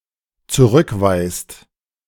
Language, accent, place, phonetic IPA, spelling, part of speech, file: German, Germany, Berlin, [t͡suˈʁʏkˌvaɪ̯st], zurückweist, verb, De-zurückweist.ogg
- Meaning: inflection of zurückweisen: 1. second/third-person singular dependent present 2. second-person plural dependent present